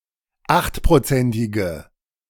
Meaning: inflection of achtprozentig: 1. strong/mixed nominative/accusative feminine singular 2. strong nominative/accusative plural 3. weak nominative all-gender singular
- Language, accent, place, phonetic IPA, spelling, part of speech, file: German, Germany, Berlin, [ˈaxtpʁoˌt͡sɛntɪɡə], achtprozentige, adjective, De-achtprozentige.ogg